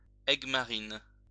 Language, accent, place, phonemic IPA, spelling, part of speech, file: French, France, Lyon, /ɛɡ.ma.ʁin/, aigue-marine, adjective / noun, LL-Q150 (fra)-aigue-marine.wav
- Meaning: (adjective) aquamarine